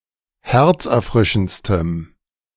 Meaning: strong dative masculine/neuter singular superlative degree of herzerfrischend
- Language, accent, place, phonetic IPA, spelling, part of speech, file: German, Germany, Berlin, [ˈhɛʁt͡sʔɛɐ̯ˌfʁɪʃn̩t͡stəm], herzerfrischendstem, adjective, De-herzerfrischendstem.ogg